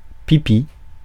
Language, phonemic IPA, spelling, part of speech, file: French, /pi.pi/, pipi, noun, Fr-pipi.ogg
- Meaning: wee, wee-wee, pee